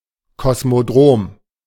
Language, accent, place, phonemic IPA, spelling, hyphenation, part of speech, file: German, Germany, Berlin, /kɔsmoˈdʁoːm/, Kosmodrom, Kos‧mo‧drom, noun, De-Kosmodrom.ogg
- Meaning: cosmodrome